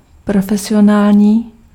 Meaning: professional
- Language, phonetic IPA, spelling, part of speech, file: Czech, [ˈprofɛsɪjonaːlɲiː], profesionální, adjective, Cs-profesionální.ogg